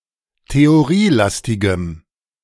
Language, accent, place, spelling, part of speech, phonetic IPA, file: German, Germany, Berlin, theorielastigem, adjective, [teoˈʁiːˌlastɪɡəm], De-theorielastigem.ogg
- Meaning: strong dative masculine/neuter singular of theorielastig